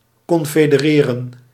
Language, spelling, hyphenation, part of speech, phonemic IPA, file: Dutch, confedereren, con‧fe‧de‧re‧ren, verb, /ˌkɔn.feː.dəˈreː.rə(n)/, Nl-confedereren.ogg
- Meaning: to unite, to combine